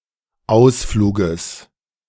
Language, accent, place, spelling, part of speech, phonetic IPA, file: German, Germany, Berlin, Ausfluges, noun, [ˈaʊ̯sˌfluːɡəs], De-Ausfluges.ogg
- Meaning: genitive singular of Ausflug